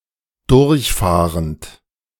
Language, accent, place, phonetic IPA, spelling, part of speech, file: German, Germany, Berlin, [ˈdʊʁçˌfaːʁənt], durchfahrend, verb, De-durchfahrend.ogg
- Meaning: present participle of durchfahren